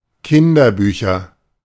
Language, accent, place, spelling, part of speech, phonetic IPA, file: German, Germany, Berlin, Kinderbücher, noun, [ˈkɪndɐˌbyːçɐ], De-Kinderbücher.ogg
- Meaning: nominative/accusative/genitive plural of Kinderbuch